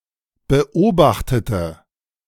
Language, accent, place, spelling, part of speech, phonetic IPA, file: German, Germany, Berlin, beobachtete, adjective / verb, [bəˈʔoːbaxtətə], De-beobachtete.ogg
- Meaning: inflection of beobachten: 1. first/third-person singular preterite 2. first/third-person singular subjunctive II